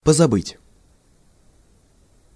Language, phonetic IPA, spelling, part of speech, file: Russian, [pəzɐˈbɨtʲ], позабыть, verb, Ru-позабыть.ogg
- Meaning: to forget completely